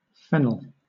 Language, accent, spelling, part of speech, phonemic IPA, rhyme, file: English, Southern England, fennel, noun, /ˈfɛnəl/, -ɛnəl, LL-Q1860 (eng)-fennel.wav
- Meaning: 1. A plant, Foeniculum vulgare, of the parsley family, which has a sweet, anise-like flavor 2. The bulb, leaves, or stalks of the plant, eaten as a vegetable